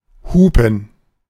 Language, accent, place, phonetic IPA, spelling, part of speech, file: German, Germany, Berlin, [ˈhuːpm̩], hupen, verb, De-hupen.ogg
- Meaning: to honk, to sound the horn